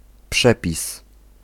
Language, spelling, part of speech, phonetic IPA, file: Polish, przepis, noun, [ˈpʃɛpʲis], Pl-przepis.ogg